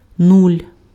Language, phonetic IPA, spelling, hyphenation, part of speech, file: Ukrainian, [nulʲ], нуль, нуль, numeral, Uk-нуль.ogg
- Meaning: zero (0)